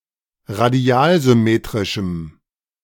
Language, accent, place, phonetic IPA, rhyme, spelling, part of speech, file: German, Germany, Berlin, [ʁaˈdi̯aːlzʏˌmeːtʁɪʃm̩], -aːlzʏmeːtʁɪʃm̩, radialsymmetrischem, adjective, De-radialsymmetrischem.ogg
- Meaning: strong dative masculine/neuter singular of radialsymmetrisch